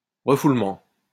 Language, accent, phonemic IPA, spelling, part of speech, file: French, France, /ʁə.ful.mɑ̃/, refoulement, noun, LL-Q150 (fra)-refoulement.wav
- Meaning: 1. push back (air pushing back on an airframe) 2. psychological repression